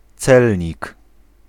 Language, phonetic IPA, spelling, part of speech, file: Polish, [ˈt͡sɛlʲɲik], celnik, noun, Pl-celnik.ogg